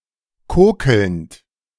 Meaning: present participle of kokeln
- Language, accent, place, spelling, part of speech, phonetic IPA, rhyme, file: German, Germany, Berlin, kokelnd, verb, [ˈkoːkl̩nt], -oːkl̩nt, De-kokelnd.ogg